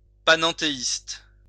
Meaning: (adjective) panentheistic; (noun) panentheist (person who believes in panentheism)
- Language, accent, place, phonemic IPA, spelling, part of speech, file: French, France, Lyon, /pa.nɑ̃.te.ist/, panenthéiste, adjective / noun, LL-Q150 (fra)-panenthéiste.wav